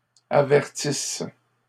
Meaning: inflection of avertir: 1. first/third-person singular present subjunctive 2. first-person singular imperfect subjunctive
- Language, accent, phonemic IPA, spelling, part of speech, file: French, Canada, /a.vɛʁ.tis/, avertisse, verb, LL-Q150 (fra)-avertisse.wav